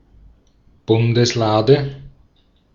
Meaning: the Ark of the Covenant
- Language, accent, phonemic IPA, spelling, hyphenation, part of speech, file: German, Austria, /ˈbʊndəsˌlaːdə/, Bundeslade, Bun‧des‧la‧de, noun, De-at-Bundeslade.ogg